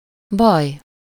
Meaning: 1. trouble, matter, problem 2. battle, combat, fight, duel 3. ill, trouble, condition, complaint (a certain abnormal state of health)
- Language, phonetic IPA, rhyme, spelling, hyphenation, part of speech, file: Hungarian, [ˈbɒj], -ɒj, baj, baj, noun, Hu-baj.ogg